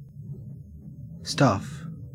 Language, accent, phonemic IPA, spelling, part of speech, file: English, Australia, /stɐf/, stuff, noun / verb, En-au-stuff.ogg
- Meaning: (noun) 1. Miscellaneous items or objects; (with possessive) personal effects 2. Miscellaneous items or objects; (with possessive) personal effects.: Furniture; goods; domestic vessels or utensils